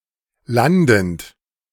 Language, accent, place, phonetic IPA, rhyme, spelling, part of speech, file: German, Germany, Berlin, [ˈlandn̩t], -andn̩t, landend, verb, De-landend.ogg
- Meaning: present participle of landen